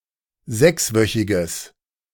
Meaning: strong/mixed nominative/accusative neuter singular of sechswöchig
- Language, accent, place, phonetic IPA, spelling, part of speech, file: German, Germany, Berlin, [ˈzɛksˌvœçɪɡəs], sechswöchiges, adjective, De-sechswöchiges.ogg